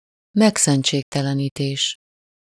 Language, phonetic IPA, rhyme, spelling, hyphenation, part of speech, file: Hungarian, [ˈmɛksɛnt͡ʃeːktɛlɛniːteːʃ], -eːʃ, megszentségtelenítés, meg‧szent‧ség‧te‧le‧ní‧tés, noun, Hu-megszentségtelenítés.ogg
- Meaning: desecration, profanation